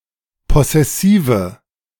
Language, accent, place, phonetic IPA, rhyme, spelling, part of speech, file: German, Germany, Berlin, [ˌpɔsɛˈsiːvə], -iːvə, possessive, adjective, De-possessive.ogg
- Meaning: inflection of possessiv: 1. strong/mixed nominative/accusative feminine singular 2. strong nominative/accusative plural 3. weak nominative all-gender singular